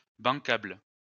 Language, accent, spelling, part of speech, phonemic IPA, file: French, France, bancable, adjective, /bɑ̃.kabl/, LL-Q150 (fra)-bancable.wav
- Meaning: bankable (certain to bring profit)